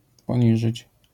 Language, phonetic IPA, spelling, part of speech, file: Polish, [pɔ̃ˈɲiʒɨt͡ɕ], poniżyć, verb, LL-Q809 (pol)-poniżyć.wav